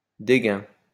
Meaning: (pronoun) nobody; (noun) nobody, zero (person of little or no importance)
- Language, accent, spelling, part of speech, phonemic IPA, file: French, France, dégun, pronoun / noun, /de.ɡœ̃/, LL-Q150 (fra)-dégun.wav